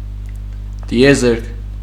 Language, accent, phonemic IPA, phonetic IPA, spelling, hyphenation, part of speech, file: Armenian, Eastern Armenian, /tieˈzeɾkʰ/, [ti(j)ezéɾkʰ], տիեզերք, տի‧ե‧զերք, noun, Hy-տիեզերք.ogg
- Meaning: 1. cosmos, universe, world 2. space (area beyond atmosphere of planets)